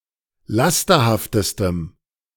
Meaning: strong dative masculine/neuter singular superlative degree of lasterhaft
- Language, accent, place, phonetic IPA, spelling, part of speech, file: German, Germany, Berlin, [ˈlastɐhaftəstəm], lasterhaftestem, adjective, De-lasterhaftestem.ogg